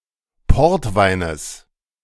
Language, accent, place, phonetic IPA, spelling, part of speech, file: German, Germany, Berlin, [ˈpɔʁtˌvaɪ̯nəs], Portweines, noun, De-Portweines.ogg
- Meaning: genitive singular of Portwein